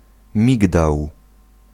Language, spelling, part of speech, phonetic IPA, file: Polish, migdał, noun, [ˈmʲiɡdaw], Pl-migdał.ogg